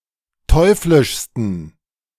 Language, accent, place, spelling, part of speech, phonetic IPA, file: German, Germany, Berlin, teuflischsten, adjective, [ˈtɔɪ̯flɪʃstn̩], De-teuflischsten.ogg
- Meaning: 1. superlative degree of teuflisch 2. inflection of teuflisch: strong genitive masculine/neuter singular superlative degree